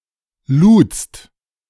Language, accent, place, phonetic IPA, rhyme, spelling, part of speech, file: German, Germany, Berlin, [luːt͡st], -uːt͡st, ludst, verb, De-ludst.ogg
- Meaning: second-person singular preterite of laden